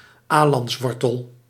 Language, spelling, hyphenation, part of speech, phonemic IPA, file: Dutch, alantswortel, alants‧wor‧tel, noun, /ˈaː.lɑntsˌʋɔr.təl/, Nl-alantswortel.ogg
- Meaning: the root of a plant of the genus Inula, especially that of the elecampane (Inula helenium)